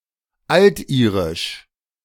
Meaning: Old Irish (related to the Old Irish language)
- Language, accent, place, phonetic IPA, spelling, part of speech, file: German, Germany, Berlin, [ˈaltˌʔiːʁɪʃ], altirisch, adjective, De-altirisch.ogg